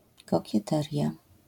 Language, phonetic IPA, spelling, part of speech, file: Polish, [ˌkɔcɛˈtɛrʲja], kokieteria, noun, LL-Q809 (pol)-kokieteria.wav